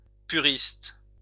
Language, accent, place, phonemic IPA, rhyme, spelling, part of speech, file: French, France, Lyon, /py.ʁist/, -ist, puriste, noun, LL-Q150 (fra)-puriste.wav
- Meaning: purist